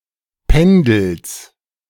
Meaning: genitive singular of Pendel
- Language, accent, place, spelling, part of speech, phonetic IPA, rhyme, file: German, Germany, Berlin, Pendels, noun, [ˈpɛndl̩s], -ɛndl̩s, De-Pendels.ogg